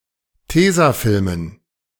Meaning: dative plural of Tesafilm
- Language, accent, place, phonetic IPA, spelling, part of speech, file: German, Germany, Berlin, [ˈteːzaˌfɪlmən], Tesafilmen, noun, De-Tesafilmen.ogg